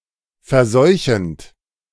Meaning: present participle of verseuchen
- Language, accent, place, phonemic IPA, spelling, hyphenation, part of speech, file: German, Germany, Berlin, /fɛɐ̯ˈzɔʏ̯çənt/, verseuchend, ver‧seu‧chend, verb, De-verseuchend.ogg